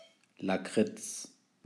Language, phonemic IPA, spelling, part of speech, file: German, /laˈkrɪts/, Lakritz, noun, De-Lakritz.ogg
- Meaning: licorice, liquorice (confectionery)